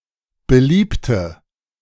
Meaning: inflection of beliebt: 1. strong/mixed nominative/accusative feminine singular 2. strong nominative/accusative plural 3. weak nominative all-gender singular 4. weak accusative feminine/neuter singular
- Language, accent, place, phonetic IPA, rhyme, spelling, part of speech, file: German, Germany, Berlin, [bəˈliːptə], -iːptə, beliebte, adjective / verb, De-beliebte.ogg